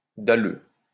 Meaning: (adjective) on the prowl, eager for sex, sexually frustrated; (noun) horndog, sexually frustrated man
- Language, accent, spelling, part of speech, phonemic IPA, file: French, France, dalleux, adjective / noun, /da.lø/, LL-Q150 (fra)-dalleux.wav